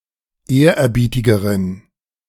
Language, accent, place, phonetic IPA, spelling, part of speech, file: German, Germany, Berlin, [ˈeːɐ̯ʔɛɐ̯ˌbiːtɪɡəʁən], ehrerbietigeren, adjective, De-ehrerbietigeren.ogg
- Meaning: inflection of ehrerbietig: 1. strong genitive masculine/neuter singular comparative degree 2. weak/mixed genitive/dative all-gender singular comparative degree